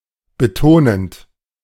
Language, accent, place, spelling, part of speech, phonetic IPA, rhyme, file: German, Germany, Berlin, betonend, verb, [bəˈtoːnənt], -oːnənt, De-betonend.ogg
- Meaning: present participle of betonen